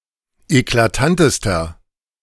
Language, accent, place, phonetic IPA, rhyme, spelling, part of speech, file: German, Germany, Berlin, [eklaˈtantəstɐ], -antəstɐ, eklatantester, adjective, De-eklatantester.ogg
- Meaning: inflection of eklatant: 1. strong/mixed nominative masculine singular superlative degree 2. strong genitive/dative feminine singular superlative degree 3. strong genitive plural superlative degree